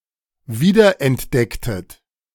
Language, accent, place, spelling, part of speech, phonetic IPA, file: German, Germany, Berlin, wiederentdecktet, verb, [ˈviːdɐʔɛntˌdɛktət], De-wiederentdecktet.ogg
- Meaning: inflection of wiederentdecken: 1. second-person plural preterite 2. second-person plural subjunctive II